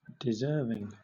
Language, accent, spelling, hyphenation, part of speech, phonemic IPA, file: English, Southern England, deserving, de‧serv‧ing, adjective / noun / verb, /dɪˈzɜːvɪŋ/, LL-Q1860 (eng)-deserving.wav
- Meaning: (adjective) 1. Worthy of reward or praise; meritorious 2. Meriting, worthy (reward, punishment etc.); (noun) desert, merit; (verb) present participle and gerund of deserve